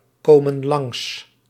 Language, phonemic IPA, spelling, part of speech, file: Dutch, /ˈkomə(n) ˈlɑŋs/, komen langs, verb, Nl-komen langs.ogg
- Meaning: inflection of langskomen: 1. plural present indicative 2. plural present subjunctive